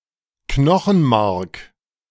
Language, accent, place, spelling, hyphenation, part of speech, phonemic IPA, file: German, Germany, Berlin, Knochenmark, Kno‧chen‧mark, noun, /ˈknɔxn̩maʁk/, De-Knochenmark.ogg
- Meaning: bone marrow